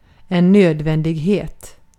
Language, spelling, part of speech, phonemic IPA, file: Swedish, nödvändighet, noun, /ˈnøːdvɛndɪ(ɡ)ˌheːt/, Sv-nödvändighet.ogg
- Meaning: necessity; the quality or state of being necessary